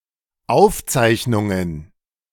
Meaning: plural of Aufzeichnung
- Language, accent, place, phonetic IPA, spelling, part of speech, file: German, Germany, Berlin, [ˈaʊ̯fˌt͡saɪ̯çnʊŋən], Aufzeichnungen, noun, De-Aufzeichnungen.ogg